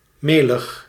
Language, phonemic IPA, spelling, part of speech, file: Dutch, /ˈmeləx/, melig, adjective, Nl-melig.ogg
- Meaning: 1. mealy 2. hokey, sappy, cheesy 3. being bored (and) silly, cheerful (of mood)